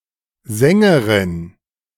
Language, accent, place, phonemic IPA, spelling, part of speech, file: German, Germany, Berlin, /ˈzɛŋɡəʁɪn/, Sängerin, noun, De-Sängerin.ogg
- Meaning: female singer, singeress, songstress